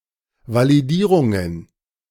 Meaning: plural of Validierung
- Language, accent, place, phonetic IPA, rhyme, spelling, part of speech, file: German, Germany, Berlin, [ˌvaliˈdiːʁʊŋən], -iːʁʊŋən, Validierungen, noun, De-Validierungen.ogg